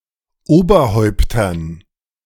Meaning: dative plural of Oberhaupt
- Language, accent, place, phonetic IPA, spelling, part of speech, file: German, Germany, Berlin, [ˈoːbɐˌhɔɪ̯ptɐn], Oberhäuptern, noun, De-Oberhäuptern.ogg